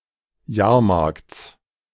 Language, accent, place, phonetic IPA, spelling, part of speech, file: German, Germany, Berlin, [ˈjaːɐ̯ˌmaʁkt͡s], Jahrmarkts, noun, De-Jahrmarkts.ogg
- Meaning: genitive singular of Jahrmarkt